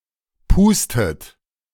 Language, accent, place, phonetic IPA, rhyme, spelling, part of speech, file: German, Germany, Berlin, [ˈpuːstət], -uːstət, pustet, verb, De-pustet.ogg
- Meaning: inflection of pusten: 1. third-person singular present 2. second-person plural present 3. plural imperative 4. second-person plural subjunctive I